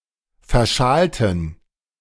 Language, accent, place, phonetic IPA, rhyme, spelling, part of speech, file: German, Germany, Berlin, [fɛɐ̯ˈʃaːltn̩], -aːltn̩, verschalten, adjective / verb, De-verschalten.ogg
- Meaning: 1. to connect by switches 2. to use or select a wrong switch, gear, etc